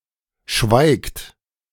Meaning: inflection of schweigen: 1. third-person singular present 2. second-person plural present 3. plural imperative
- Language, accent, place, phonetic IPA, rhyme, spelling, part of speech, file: German, Germany, Berlin, [ʃvaɪ̯kt], -aɪ̯kt, schweigt, verb, De-schweigt.ogg